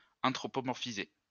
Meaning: to anthropomorphize
- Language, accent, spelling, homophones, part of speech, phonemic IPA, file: French, France, anthropomorphiser, anthropomorphisai / anthropomorphisé / anthropomorphisée / anthropomorphisées / anthropomorphisés / anthropomorphisez, verb, /ɑ̃.tʁɔ.pɔ.mɔʁ.fi.ze/, LL-Q150 (fra)-anthropomorphiser.wav